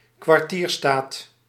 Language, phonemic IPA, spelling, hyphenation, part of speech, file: Dutch, /kʋɑrˈtiːrˌstaːt/, kwartierstaat, kwar‧tier‧staat, noun, Nl-kwartierstaat.ogg
- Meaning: an Ahnentafel (genealogical chart)